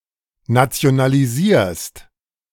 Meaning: second-person singular present of nationalisieren
- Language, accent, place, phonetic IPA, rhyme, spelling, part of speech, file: German, Germany, Berlin, [nat͡si̯onaliˈziːɐ̯st], -iːɐ̯st, nationalisierst, verb, De-nationalisierst.ogg